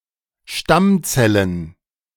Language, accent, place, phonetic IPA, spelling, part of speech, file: German, Germany, Berlin, [ˈʃtamˌt͡sɛlən], Stammzellen, noun, De-Stammzellen.ogg
- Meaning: plural of Stammzelle